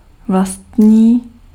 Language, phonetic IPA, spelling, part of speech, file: Czech, [ˈvlastɲiː], vlastní, adjective / verb, Cs-vlastní.ogg
- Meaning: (adjective) 1. own 2. proper (as in "proper subset" or "proper noun") 3. itself; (verb) third-person singular of vlastnit